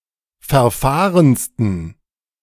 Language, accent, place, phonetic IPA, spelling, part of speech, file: German, Germany, Berlin, [fɛɐ̯ˈfaːʁənstn̩], verfahrensten, adjective, De-verfahrensten.ogg
- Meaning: 1. superlative degree of verfahren 2. inflection of verfahren: strong genitive masculine/neuter singular superlative degree